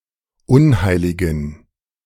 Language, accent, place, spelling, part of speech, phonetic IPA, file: German, Germany, Berlin, unheiligen, adjective, [ˈʊnˌhaɪ̯lɪɡn̩], De-unheiligen.ogg
- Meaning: inflection of unheilig: 1. strong genitive masculine/neuter singular 2. weak/mixed genitive/dative all-gender singular 3. strong/weak/mixed accusative masculine singular 4. strong dative plural